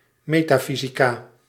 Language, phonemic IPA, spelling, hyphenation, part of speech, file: Dutch, /ˌmeː.taːˈfi.zi.kaː/, metafysica, me‧ta‧fy‧si‧ca, noun, Nl-metafysica.ogg
- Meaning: metaphysics